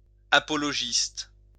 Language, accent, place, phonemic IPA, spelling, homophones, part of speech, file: French, France, Lyon, /a.pɔ.lɔ.ʒist/, apologiste, apologistes, noun, LL-Q150 (fra)-apologiste.wav
- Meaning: apologist